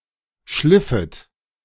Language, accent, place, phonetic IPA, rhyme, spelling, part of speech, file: German, Germany, Berlin, [ˈʃlɪfət], -ɪfət, schliffet, verb, De-schliffet.ogg
- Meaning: second-person plural subjunctive II of schleifen